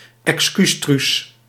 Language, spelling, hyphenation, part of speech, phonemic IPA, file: Dutch, excuustruus, ex‧cuus‧truus, noun, /ɛksˈkysˌtrys/, Nl-excuustruus.ogg
- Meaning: token woman, female diversity hire